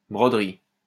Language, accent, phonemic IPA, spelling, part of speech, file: French, France, /bʁɔ.dʁi/, broderie, noun, LL-Q150 (fra)-broderie.wav
- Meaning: embroidery